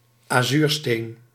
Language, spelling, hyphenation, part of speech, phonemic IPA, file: Dutch, azuursteen, azuur‧steen, noun, /aːˈzyːrˌsteːn/, Nl-azuursteen.ogg
- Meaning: 1. lapis lazuli 2. azurite (mineral used as a pigment for the colour azure)